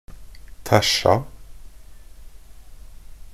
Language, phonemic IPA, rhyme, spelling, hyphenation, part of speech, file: Norwegian Bokmål, /ˈtæʃːa/, -æʃːa, tæsja, tæ‧sja, verb, Nb-tæsja.ogg
- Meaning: simple past and past participle of tæsje